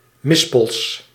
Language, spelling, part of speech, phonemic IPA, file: Dutch, mispels, noun, /ˈmɪspəls/, Nl-mispels.ogg
- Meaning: plural of mispel